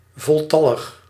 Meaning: 1. complete, in full numbers, entire (with all members of a class) 2. complete, in full numbers, entire (with all members of a class): fully attended, plenary
- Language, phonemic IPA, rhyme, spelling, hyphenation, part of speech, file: Dutch, /ˌvɔlˈtɑ.ləx/, -ɑləx, voltallig, vol‧tal‧lig, adjective, Nl-voltallig.ogg